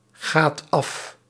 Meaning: inflection of afgaan: 1. second/third-person singular present indicative 2. plural imperative
- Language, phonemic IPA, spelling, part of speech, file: Dutch, /ˈɣat ˈɑf/, gaat af, verb, Nl-gaat af.ogg